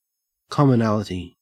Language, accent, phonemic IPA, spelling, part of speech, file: English, Australia, /ˌkɔm.əˈnæl.ə.ti/, commonality, noun, En-au-commonality.ogg
- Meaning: 1. The joint possession of a set of attributes or characteristics 2. Such a shared attribute or characteristic